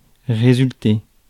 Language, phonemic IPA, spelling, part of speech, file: French, /ʁe.zyl.te/, résulter, verb, Fr-résulter.ogg
- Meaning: 1. to result, to happen 2. to be the result of